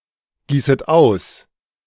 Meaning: second-person plural subjunctive I of ausgießen
- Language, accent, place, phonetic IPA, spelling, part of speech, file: German, Germany, Berlin, [ˌɡiːsət ˈaʊ̯s], gießet aus, verb, De-gießet aus.ogg